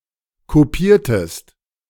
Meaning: inflection of kopieren: 1. second-person singular preterite 2. second-person singular subjunctive II
- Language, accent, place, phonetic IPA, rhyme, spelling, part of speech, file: German, Germany, Berlin, [koˈpiːɐ̯təst], -iːɐ̯təst, kopiertest, verb, De-kopiertest.ogg